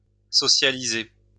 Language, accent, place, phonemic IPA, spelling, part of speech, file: French, France, Lyon, /sɔ.sja.li.ze/, socialiser, verb, LL-Q150 (fra)-socialiser.wav
- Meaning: 1. to socialize 2. to nationalize 3. to make or become socialist